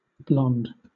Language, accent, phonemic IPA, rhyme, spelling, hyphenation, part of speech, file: English, Southern England, /blɒnd/, -ɒnd, blond, blond, adjective / noun / verb, LL-Q1860 (eng)-blond.wav
- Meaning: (adjective) 1. Of a bleached or pale golden (light yellowish) colour 2. Of a bleached or pale golden (light yellowish) colour.: Particularly of a person, having blond hair